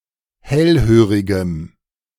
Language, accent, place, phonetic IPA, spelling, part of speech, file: German, Germany, Berlin, [ˈhɛlˌhøːʁɪɡəm], hellhörigem, adjective, De-hellhörigem.ogg
- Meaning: strong dative masculine/neuter singular of hellhörig